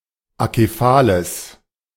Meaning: strong/mixed nominative/accusative neuter singular of akephal
- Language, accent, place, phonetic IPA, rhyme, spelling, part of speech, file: German, Germany, Berlin, [akeˈfaːləs], -aːləs, akephales, adjective, De-akephales.ogg